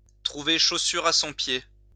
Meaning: to find what one is looking for, to find what one wants, to find the right fit for one, to find one's heart's desire
- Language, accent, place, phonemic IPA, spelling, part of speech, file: French, France, Lyon, /tʁu.ve ʃo.syʁ a sɔ̃ pje/, trouver chaussure à son pied, verb, LL-Q150 (fra)-trouver chaussure à son pied.wav